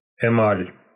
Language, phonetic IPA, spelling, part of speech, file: Russian, [ɪˈmalʲ], эмаль, noun, Ru-эмаль.ogg
- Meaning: enamel